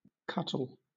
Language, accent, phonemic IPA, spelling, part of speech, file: English, Southern England, /ˈkʌtəl/, cuttle, noun, LL-Q1860 (eng)-cuttle.wav
- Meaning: 1. Synonym of cuttlefish 2. A knife 3. A foul-mouthed fellow